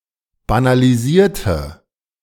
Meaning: inflection of banalisieren: 1. first/third-person singular preterite 2. first/third-person singular subjunctive II
- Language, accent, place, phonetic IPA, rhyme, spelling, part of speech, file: German, Germany, Berlin, [banaliˈziːɐ̯tə], -iːɐ̯tə, banalisierte, adjective / verb, De-banalisierte.ogg